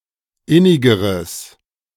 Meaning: strong/mixed nominative/accusative neuter singular comparative degree of innig
- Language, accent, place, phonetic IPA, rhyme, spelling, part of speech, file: German, Germany, Berlin, [ˈɪnɪɡəʁəs], -ɪnɪɡəʁəs, innigeres, adjective, De-innigeres.ogg